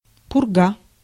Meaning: 1. blizzard, snowstorm 2. nonsense 3. Purga (Soviet and Russian icebreaker)
- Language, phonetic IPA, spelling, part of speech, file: Russian, [pʊrˈɡa], пурга, noun, Ru-пурга.ogg